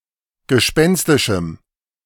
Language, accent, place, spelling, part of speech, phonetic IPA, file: German, Germany, Berlin, gespenstischem, adjective, [ɡəˈʃpɛnstɪʃm̩], De-gespenstischem.ogg
- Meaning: strong dative masculine/neuter singular of gespenstisch